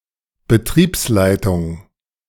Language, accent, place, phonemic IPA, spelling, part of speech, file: German, Germany, Berlin, /bəˈtʁiːpsˌlaɪ̯tʊŋ/, Betriebsleitung, noun, De-Betriebsleitung.ogg
- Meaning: management, plant management